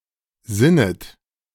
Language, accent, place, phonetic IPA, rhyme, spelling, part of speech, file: German, Germany, Berlin, [ˈzɪnət], -ɪnət, sinnet, verb, De-sinnet.ogg
- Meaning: second-person plural subjunctive I of sinnen